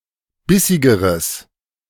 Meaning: strong/mixed nominative/accusative neuter singular comparative degree of bissig
- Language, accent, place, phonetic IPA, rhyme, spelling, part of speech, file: German, Germany, Berlin, [ˈbɪsɪɡəʁəs], -ɪsɪɡəʁəs, bissigeres, adjective, De-bissigeres.ogg